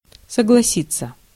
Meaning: 1. to agree (to), to consent, to assent 2. to agree (with), to concur, to concede, to admit
- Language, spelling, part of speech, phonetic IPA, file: Russian, согласиться, verb, [səɡɫɐˈsʲit͡sːə], Ru-согласиться.ogg